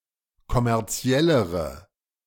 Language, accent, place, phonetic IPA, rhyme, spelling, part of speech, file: German, Germany, Berlin, [kɔmɛʁˈt͡si̯ɛləʁə], -ɛləʁə, kommerziellere, adjective, De-kommerziellere.ogg
- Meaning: inflection of kommerziell: 1. strong/mixed nominative/accusative feminine singular comparative degree 2. strong nominative/accusative plural comparative degree